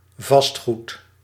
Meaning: real estate, property which cannot be moved
- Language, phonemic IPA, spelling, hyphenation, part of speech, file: Dutch, /ˈvɑstˌɣut/, vastgoed, vast‧goed, noun, Nl-vastgoed.ogg